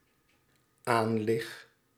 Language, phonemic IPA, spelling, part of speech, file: Dutch, /ˈanlɪx/, aanlig, verb, Nl-aanlig.ogg
- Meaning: first-person singular dependent-clause present indicative of aanliggen